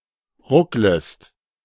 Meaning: second-person singular subjunctive I of ruckeln
- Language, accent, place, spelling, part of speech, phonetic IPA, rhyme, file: German, Germany, Berlin, rucklest, verb, [ˈʁʊkləst], -ʊkləst, De-rucklest.ogg